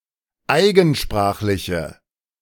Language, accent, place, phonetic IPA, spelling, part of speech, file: German, Germany, Berlin, [ˈaɪ̯ɡn̩ˌʃpʁaːxlɪçə], eigensprachliche, adjective, De-eigensprachliche.ogg
- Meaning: inflection of eigensprachlich: 1. strong/mixed nominative/accusative feminine singular 2. strong nominative/accusative plural 3. weak nominative all-gender singular